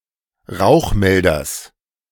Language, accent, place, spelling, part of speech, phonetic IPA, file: German, Germany, Berlin, Rauchmelders, noun, [ˈʁaʊ̯xˌmɛldɐs], De-Rauchmelders.ogg
- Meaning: genitive singular of Rauchmelder